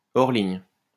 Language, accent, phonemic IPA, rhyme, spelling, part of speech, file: French, France, /ɔʁ liɲ/, -iɲ, hors ligne, adjective, LL-Q150 (fra)-hors ligne.wav
- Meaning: offline